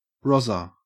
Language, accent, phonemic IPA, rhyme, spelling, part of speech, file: English, Australia, /ˈɹɒzə(ɹ)/, -ɒzə(ɹ), rozzer, noun, En-au-rozzer.ogg
- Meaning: A police officer